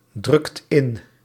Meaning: inflection of indrukken: 1. second/third-person singular present indicative 2. plural imperative
- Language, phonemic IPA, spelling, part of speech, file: Dutch, /ˈdrʏkt ˈɪn/, drukt in, verb, Nl-drukt in.ogg